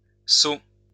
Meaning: plural of saut
- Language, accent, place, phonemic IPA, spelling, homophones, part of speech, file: French, France, Lyon, /so/, sauts, saut / seau / seaux / sot / sots, noun, LL-Q150 (fra)-sauts.wav